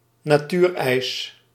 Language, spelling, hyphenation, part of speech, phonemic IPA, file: Dutch, natuurijs, na‧tuur‧ijs, noun, /naːˈtyr.ɛi̯s/, Nl-natuurijs.ogg
- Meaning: natural ice